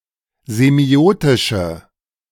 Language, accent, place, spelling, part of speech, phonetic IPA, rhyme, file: German, Germany, Berlin, semiotische, adjective, [zeˈmi̯oːtɪʃə], -oːtɪʃə, De-semiotische.ogg
- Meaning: inflection of semiotisch: 1. strong/mixed nominative/accusative feminine singular 2. strong nominative/accusative plural 3. weak nominative all-gender singular